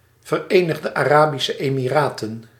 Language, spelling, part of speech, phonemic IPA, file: Dutch, Verenigde Arabische Emiraten, proper noun, /vɛrenəɣdə arabisə emiratən/, Nl-Verenigde Arabische Emiraten.ogg
- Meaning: United Arab Emirates (a country in West Asia in the Middle East)